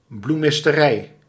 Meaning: 1. flower shop, florist's shop 2. flower farm
- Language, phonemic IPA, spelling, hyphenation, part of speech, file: Dutch, /bluˌmɪs.təˈrɛi̯/, bloemisterij, bloe‧mis‧te‧rij, noun, Nl-bloemisterij.ogg